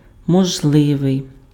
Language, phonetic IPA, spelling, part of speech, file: Ukrainian, [mɔʒˈɫɪʋei̯], можливий, adjective, Uk-можливий.ogg
- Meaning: possible